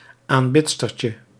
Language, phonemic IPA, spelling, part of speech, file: Dutch, /amˈbɪtstərcə/, aanbidstertje, noun, Nl-aanbidstertje.ogg
- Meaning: diminutive of aanbidster